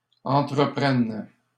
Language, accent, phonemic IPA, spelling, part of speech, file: French, Canada, /ɑ̃.tʁə.pʁɛn/, entreprennes, verb, LL-Q150 (fra)-entreprennes.wav
- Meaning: second-person singular present subjunctive of entreprendre